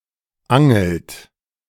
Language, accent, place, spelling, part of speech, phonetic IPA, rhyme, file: German, Germany, Berlin, angelt, verb, [ˈaŋl̩t], -aŋl̩t, De-angelt.ogg
- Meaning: inflection of angeln: 1. third-person singular present 2. second-person plural present 3. plural imperative